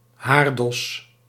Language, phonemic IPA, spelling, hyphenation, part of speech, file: Dutch, /ˈɦaːr.dɔs/, haardos, haar‧dos, noun, Nl-haardos.ogg
- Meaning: 1. hair, headhair (all of a person's head hair) 2. hairdo, hairstyle, haircut (particular way of styling one's hair)